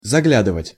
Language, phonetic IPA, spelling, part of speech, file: Russian, [zɐˈɡlʲadɨvətʲ], заглядывать, verb, Ru-заглядывать.ogg
- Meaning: 1. to glance (at), to peep (in), to look (into), to have a look (at) 2. to drop in (on), to look in (on), to call (on)